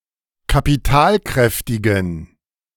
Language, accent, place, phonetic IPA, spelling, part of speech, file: German, Germany, Berlin, [kapiˈtaːlˌkʁɛftɪɡn̩], kapitalkräftigen, adjective, De-kapitalkräftigen.ogg
- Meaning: inflection of kapitalkräftig: 1. strong genitive masculine/neuter singular 2. weak/mixed genitive/dative all-gender singular 3. strong/weak/mixed accusative masculine singular 4. strong dative plural